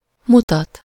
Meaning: 1. to show something to someone (with -nak/-nek) 2. to indicate, signal, read (to present or carry information on him/her/itself)
- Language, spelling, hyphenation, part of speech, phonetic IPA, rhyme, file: Hungarian, mutat, mu‧tat, verb, [ˈmutɒt], -ɒt, Hu-mutat.ogg